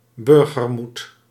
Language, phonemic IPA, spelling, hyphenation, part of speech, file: Dutch, /ˈbʏr.ɣərˌmut/, burgermoed, bur‧ger‧moed, noun, Nl-burgermoed.ogg
- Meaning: the courage of citizens when intervening at personal risk at the sight of someone in danger; civil courage